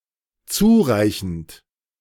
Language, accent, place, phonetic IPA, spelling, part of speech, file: German, Germany, Berlin, [ˈt͡suːˌʁaɪ̯çn̩t], zureichend, verb, De-zureichend.ogg
- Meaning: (verb) present participle of zureichen; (adjective) adequate, sufficient